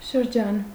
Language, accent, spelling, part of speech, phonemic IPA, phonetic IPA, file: Armenian, Eastern Armenian, շրջան, noun, /ʃəɾˈd͡ʒɑn/, [ʃəɾd͡ʒɑ́n], Hy-շրջան.ogg
- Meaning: 1. circle 2. region, area, oblast 3. sphere, realm 4. period, epoch